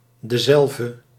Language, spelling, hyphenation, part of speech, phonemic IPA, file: Dutch, dezelve, de‧zelve, determiner, /dəˈzɛl.və/, Nl-dezelve.ogg
- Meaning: alternative form of dezelfde